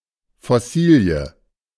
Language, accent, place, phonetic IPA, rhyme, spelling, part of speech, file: German, Germany, Berlin, [fɔˈsiːli̯ə], -iːli̯ə, Fossilie, noun, De-Fossilie.ogg
- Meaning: fossil